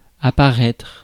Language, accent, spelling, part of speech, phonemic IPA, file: French, France, apparaître, verb, /a.pa.ʁɛtʁ/, Fr-apparaître.ogg
- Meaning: 1. to appear (become visible) 2. to appear, to seem 3. to spawn